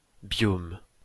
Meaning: biome
- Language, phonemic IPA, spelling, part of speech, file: French, /bjom/, biome, noun, LL-Q150 (fra)-biome.wav